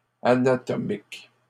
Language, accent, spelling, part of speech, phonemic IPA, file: French, Canada, anatomiques, adjective, /a.na.tɔ.mik/, LL-Q150 (fra)-anatomiques.wav
- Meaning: plural of anatomique